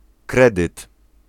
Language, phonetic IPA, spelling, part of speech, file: Polish, [ˈkrɛdɨt], kredyt, noun, Pl-kredyt.ogg